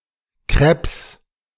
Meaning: 1. plural of Crêpe 2. genitive singular of Crêpe
- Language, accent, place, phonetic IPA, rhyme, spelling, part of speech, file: German, Germany, Berlin, [kʁɛps], -ɛps, Crêpes, noun, De-Crêpes.ogg